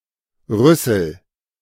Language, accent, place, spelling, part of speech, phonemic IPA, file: German, Germany, Berlin, Rüssel, noun, /ˈʁʏsəl/, De-Rüssel.ogg
- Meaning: 1. pig's snout 2. proboscis; trunk (prolonged nose of certain mammals, notably elephants) 3. proboscis (similar organ in certain insects, etc.) 4. beak (human nose, especially a large one)